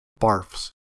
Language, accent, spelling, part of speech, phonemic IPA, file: English, US, barfs, verb, /bɑɹfs/, En-us-barfs.ogg
- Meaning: third-person singular simple present indicative of barf